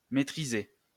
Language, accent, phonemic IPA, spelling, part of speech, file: French, France, /me.tʁi.ze/, métriser, verb, LL-Q150 (fra)-métriser.wav
- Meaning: to metrize